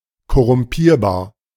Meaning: corruptible
- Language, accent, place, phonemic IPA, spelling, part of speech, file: German, Germany, Berlin, /kɔʁʊmˈpiːɐ̯baːɐ̯/, korrumpierbar, adjective, De-korrumpierbar.ogg